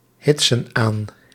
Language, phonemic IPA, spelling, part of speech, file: Dutch, /ˈhɪtsə(n) ˈan/, hitsen aan, verb, Nl-hitsen aan.ogg
- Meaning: inflection of aanhitsen: 1. plural present indicative 2. plural present subjunctive